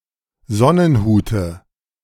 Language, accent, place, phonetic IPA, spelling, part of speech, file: German, Germany, Berlin, [ˈzɔnənˌhuːtə], Sonnenhute, noun, De-Sonnenhute.ogg
- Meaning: dative of Sonnenhut